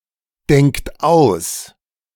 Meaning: inflection of ausdenken: 1. third-person singular present 2. second-person plural present 3. plural imperative
- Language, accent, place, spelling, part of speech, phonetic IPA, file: German, Germany, Berlin, denkt aus, verb, [ˌdɛŋkt ˈaʊ̯s], De-denkt aus.ogg